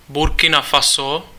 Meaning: Burkina Faso (a country in West Africa, formerly Upper Volta)
- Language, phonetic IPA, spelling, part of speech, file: Czech, [burkɪna faso], Burkina Faso, proper noun, Cs-Burkina Faso.ogg